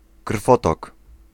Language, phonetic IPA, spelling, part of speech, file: Polish, [ˈkr̥fɔtɔk], krwotok, noun, Pl-krwotok.ogg